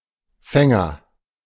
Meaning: agent noun of fangen: 1. catcher, fielder 2. captor
- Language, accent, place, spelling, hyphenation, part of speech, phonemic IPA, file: German, Germany, Berlin, Fänger, Fän‧ger, noun, /ˈfɛŋɐ/, De-Fänger.ogg